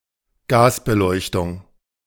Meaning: gas lighting
- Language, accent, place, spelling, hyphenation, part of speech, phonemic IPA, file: German, Germany, Berlin, Gasbeleuchtung, Gas‧be‧leuch‧tung, noun, /ˈɡaːsbəˌlɔɪ̯çtʊŋ/, De-Gasbeleuchtung.ogg